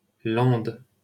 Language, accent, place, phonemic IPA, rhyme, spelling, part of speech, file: French, France, Paris, /lɑ̃d/, -ɑ̃d, Landes, proper noun, LL-Q150 (fra)-Landes.wav
- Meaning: Landes (a department of Nouvelle-Aquitaine, France)